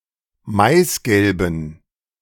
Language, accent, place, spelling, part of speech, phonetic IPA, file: German, Germany, Berlin, maisgelben, adjective, [ˈmaɪ̯sˌɡɛlbn̩], De-maisgelben.ogg
- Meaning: inflection of maisgelb: 1. strong genitive masculine/neuter singular 2. weak/mixed genitive/dative all-gender singular 3. strong/weak/mixed accusative masculine singular 4. strong dative plural